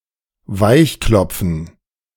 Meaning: 1. to beat until soft 2. to cajole
- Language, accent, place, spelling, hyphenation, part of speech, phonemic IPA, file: German, Germany, Berlin, weichklopfen, weich‧klop‧fen, verb, /ˈvaɪ̯çˌklɔp͡fn̩/, De-weichklopfen.ogg